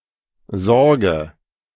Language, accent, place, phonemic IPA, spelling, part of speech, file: German, Germany, Berlin, /ˈzɔʁɡə/, sorge, verb, De-sorge.ogg
- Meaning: inflection of sorgen: 1. first-person singular present 2. first/third-person singular subjunctive I 3. singular imperative